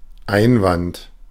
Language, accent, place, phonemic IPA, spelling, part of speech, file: German, Germany, Berlin, /ˈaɪ̯nˌvant/, Einwand, noun, De-Einwand.ogg
- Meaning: objection (statement expressing opposition)